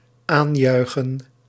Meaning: synonym of toejuichen
- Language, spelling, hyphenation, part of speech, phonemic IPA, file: Dutch, aanjuichen, aan‧jui‧chen, verb, /ˈaːnˌjœy̯.xə(n)/, Nl-aanjuichen.ogg